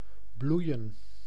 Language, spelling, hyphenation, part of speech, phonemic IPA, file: Dutch, bloeien, bloei‧en, verb / noun, /ˈblui̯ə(n)/, Nl-bloeien.ogg
- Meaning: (verb) 1. to blossom, to bear flowers 2. to grow, develop 3. to flourish, prosper 4. to produce a swelling or secretion 5. to blush, to redden in the face